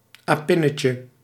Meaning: diminutive of apin
- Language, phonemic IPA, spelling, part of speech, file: Dutch, /aˈpɪnəcə/, apinnetje, noun, Nl-apinnetje.ogg